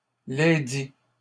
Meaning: masculine plural of ledit
- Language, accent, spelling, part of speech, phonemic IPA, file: French, Canada, lesdits, determiner, /le.di/, LL-Q150 (fra)-lesdits.wav